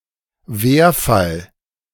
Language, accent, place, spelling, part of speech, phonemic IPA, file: German, Germany, Berlin, Werfall, noun, /ˈveːɐfal/, De-Werfall.ogg
- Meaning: synonym of Nominativ: nominative case